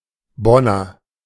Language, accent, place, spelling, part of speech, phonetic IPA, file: German, Germany, Berlin, Bonner, noun / adjective, [ˈbɔnɐ], De-Bonner.ogg
- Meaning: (noun) Bonner (native or inhabitant of the city of Bonn, North Rhine-Westphalia, Germany) (usually male)